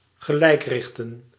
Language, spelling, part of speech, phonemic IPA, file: Dutch, gelijkrichten, verb, /ɣəˈlɛi̯krɪxtə(n)/, Nl-gelijkrichten.ogg
- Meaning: to rectify